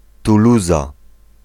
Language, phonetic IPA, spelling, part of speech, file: Polish, [tuˈluza], Tuluza, proper noun, Pl-Tuluza.ogg